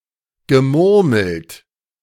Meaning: past participle of murmeln
- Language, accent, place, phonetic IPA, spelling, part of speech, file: German, Germany, Berlin, [ɡəˈmʊʁml̩t], gemurmelt, verb, De-gemurmelt.ogg